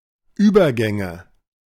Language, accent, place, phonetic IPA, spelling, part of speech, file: German, Germany, Berlin, [ˈyːbɐˌɡɛŋə], Übergänge, noun, De-Übergänge.ogg
- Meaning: nominative/accusative/genitive plural of Übergang